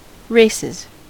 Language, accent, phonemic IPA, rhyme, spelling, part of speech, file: English, US, /ˈɹeɪsɪz/, -eɪsɪz, races, noun / verb, En-us-races.ogg
- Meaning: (noun) plural of race; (verb) third-person singular simple present indicative of race